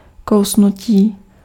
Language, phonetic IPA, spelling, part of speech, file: Czech, [ˈkou̯snuciː], kousnutí, noun / adjective, Cs-kousnutí.ogg
- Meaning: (noun) 1. verbal noun of kousnout 2. bite (the act of biting); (adjective) animate masculine nominative/vocative plural of kousnutý